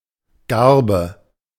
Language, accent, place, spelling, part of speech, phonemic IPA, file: German, Germany, Berlin, Garbe, noun, /ˈɡarbə/, De-Garbe.ogg
- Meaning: 1. sheaf (quantity of the stalks and ears of wheat, rye, or other grain, bound together) 2. garb 3. yarrow